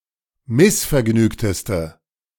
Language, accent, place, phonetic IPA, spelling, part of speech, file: German, Germany, Berlin, [ˈmɪsfɛɐ̯ˌɡnyːktəstə], missvergnügteste, adjective, De-missvergnügteste.ogg
- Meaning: inflection of missvergnügt: 1. strong/mixed nominative/accusative feminine singular superlative degree 2. strong nominative/accusative plural superlative degree